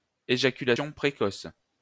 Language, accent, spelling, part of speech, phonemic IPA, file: French, France, éjaculation précoce, noun, /e.ʒa.ky.la.sjɔ̃ pʁe.kɔs/, LL-Q150 (fra)-éjaculation précoce.wav
- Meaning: premature ejaculation